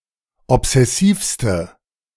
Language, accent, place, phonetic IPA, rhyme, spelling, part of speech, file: German, Germany, Berlin, [ɔpz̥ɛˈsiːfstə], -iːfstə, obsessivste, adjective, De-obsessivste.ogg
- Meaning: inflection of obsessiv: 1. strong/mixed nominative/accusative feminine singular superlative degree 2. strong nominative/accusative plural superlative degree